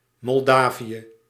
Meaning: Moldova (a country in Eastern Europe)
- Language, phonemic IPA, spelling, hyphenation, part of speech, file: Dutch, /ˌmɔlˈdaː.vi.ə/, Moldavië, Mol‧da‧vië, proper noun, Nl-Moldavië.ogg